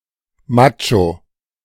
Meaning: macho
- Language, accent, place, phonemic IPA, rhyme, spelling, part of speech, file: German, Germany, Berlin, /ˈmat͡ʃo/, -at͡ʃo, Macho, noun, De-Macho.ogg